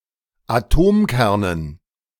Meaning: dative plural of Atomkern
- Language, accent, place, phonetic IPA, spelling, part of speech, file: German, Germany, Berlin, [aˈtoːmˌkɛʁnən], Atomkernen, noun, De-Atomkernen.ogg